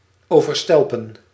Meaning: to shower, overwhelm
- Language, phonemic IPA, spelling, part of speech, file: Dutch, /ˌoː.vərˈstɛl.pə(n)/, overstelpen, verb, Nl-overstelpen.ogg